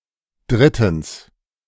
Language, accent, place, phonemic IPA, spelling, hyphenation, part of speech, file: German, Germany, Berlin, /ˈdʁɪtn̩s/, drittens, drit‧tens, adverb, De-drittens.ogg
- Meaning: thirdly